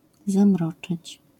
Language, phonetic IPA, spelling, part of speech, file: Polish, [zãˈmrɔt͡ʃɨt͡ɕ], zamroczyć, verb, LL-Q809 (pol)-zamroczyć.wav